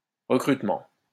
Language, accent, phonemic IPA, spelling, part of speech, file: French, France, /ʁə.kʁyt.mɑ̃/, recrutement, noun, LL-Q150 (fra)-recrutement.wav
- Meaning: recruitment